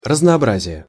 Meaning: diversity, variety (quality of being diverse; difference)
- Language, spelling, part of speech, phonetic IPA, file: Russian, разнообразие, noun, [rəznɐɐˈbrazʲɪje], Ru-разнообразие.ogg